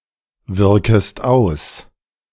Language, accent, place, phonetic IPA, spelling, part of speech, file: German, Germany, Berlin, [ˌvɪʁkəst ˈaʊ̯s], wirkest aus, verb, De-wirkest aus.ogg
- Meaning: second-person singular subjunctive I of auswirken